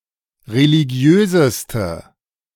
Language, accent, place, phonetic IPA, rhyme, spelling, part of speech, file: German, Germany, Berlin, [ʁeliˈɡi̯øːzəstə], -øːzəstə, religiöseste, adjective, De-religiöseste.ogg
- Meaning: inflection of religiös: 1. strong/mixed nominative/accusative feminine singular superlative degree 2. strong nominative/accusative plural superlative degree